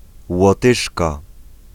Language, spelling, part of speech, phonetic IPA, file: Polish, Łotyszka, noun, [wɔˈtɨʃka], Pl-Łotyszka.ogg